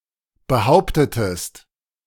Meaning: inflection of behaupten: 1. second-person singular preterite 2. second-person singular subjunctive II
- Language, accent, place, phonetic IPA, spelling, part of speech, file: German, Germany, Berlin, [bəˈhaʊ̯ptətəst], behauptetest, verb, De-behauptetest.ogg